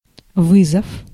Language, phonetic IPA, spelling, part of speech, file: Russian, [ˈvɨzəf], вызов, noun, Ru-вызов.ogg
- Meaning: 1. call 2. shot (critical or insulting comment) 3. summons, subpoena 4. challenge 5. invitation